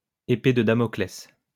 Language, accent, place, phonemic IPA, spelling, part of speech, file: French, France, Lyon, /e.pe də da.mɔ.klɛs/, épée de Damoclès, noun, LL-Q150 (fra)-épée de Damoclès.wav
- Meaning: sword of Damocles (a thing or situation which causes a prolonged state of impending doom or misfortune)